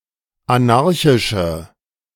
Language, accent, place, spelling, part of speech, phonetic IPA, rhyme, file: German, Germany, Berlin, anarchische, adjective, [aˈnaʁçɪʃə], -aʁçɪʃə, De-anarchische.ogg
- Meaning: inflection of anarchisch: 1. strong/mixed nominative/accusative feminine singular 2. strong nominative/accusative plural 3. weak nominative all-gender singular